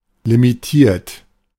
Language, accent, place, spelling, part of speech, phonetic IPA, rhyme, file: German, Germany, Berlin, limitiert, adjective / verb, [limiˈtiːɐ̯t], -iːɐ̯t, De-limitiert.ogg
- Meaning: 1. past participle of limitieren 2. inflection of limitieren: third-person singular present 3. inflection of limitieren: second-person plural present 4. inflection of limitieren: plural imperative